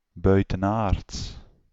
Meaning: extraterrestrial, alien
- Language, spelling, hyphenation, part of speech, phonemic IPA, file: Dutch, buitenaards, bui‧ten‧aards, adjective, /ˌbœy̯.tə(n)ˈaːrts/, Nl-buitenaards.ogg